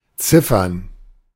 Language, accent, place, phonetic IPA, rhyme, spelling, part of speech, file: German, Germany, Berlin, [ˈt͡sɪfɐn], -ɪfɐn, Ziffern, noun, De-Ziffern.ogg
- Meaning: plural of Ziffer